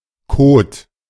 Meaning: 1. feces 2. mud
- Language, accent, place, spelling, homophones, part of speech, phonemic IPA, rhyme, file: German, Germany, Berlin, Kot, Code, noun, /koːt/, -oːt, De-Kot.ogg